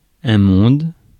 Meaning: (noun) 1. world 2. people; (interjection) good heavens; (adjective) pure; clean
- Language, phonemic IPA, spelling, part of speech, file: French, /mɔ̃d/, monde, noun / interjection / adjective, Fr-monde.ogg